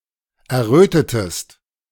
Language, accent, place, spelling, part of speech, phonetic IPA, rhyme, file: German, Germany, Berlin, errötetest, verb, [ɛɐ̯ˈʁøːtətəst], -øːtətəst, De-errötetest.ogg
- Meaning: inflection of erröten: 1. second-person singular preterite 2. second-person singular subjunctive II